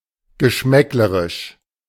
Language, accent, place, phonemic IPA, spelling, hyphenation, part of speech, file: German, Germany, Berlin, /ɡəˈʃmɛkləʁɪʃ/, geschmäcklerisch, ge‧schmäck‧le‧risch, adjective, De-geschmäcklerisch.ogg
- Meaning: pretentiously faddish, arrogantly contemptuous of tastes other than one’s own